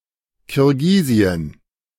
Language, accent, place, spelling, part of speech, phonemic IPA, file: German, Germany, Berlin, Kirgisien, proper noun, /kɪʁˈɡiːzi.ən/, De-Kirgisien.ogg
- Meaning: synonym of Kirgisistan: Kyrgyzstan (a country in Central Asia, bordering on Kazakhstan, Uzbekistan, Tajikistan and China)